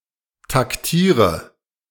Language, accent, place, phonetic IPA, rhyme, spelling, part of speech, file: German, Germany, Berlin, [takˈtiːʁə], -iːʁə, taktiere, verb, De-taktiere.ogg
- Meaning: inflection of taktieren: 1. first-person singular present 2. first/third-person singular subjunctive I 3. singular imperative